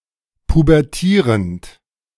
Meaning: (verb) present participle of pubertieren (“to go through puberty”); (adjective) pubescent
- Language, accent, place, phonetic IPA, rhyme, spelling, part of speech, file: German, Germany, Berlin, [pubɛʁˈtiːʁənt], -iːʁənt, pubertierend, verb, De-pubertierend.ogg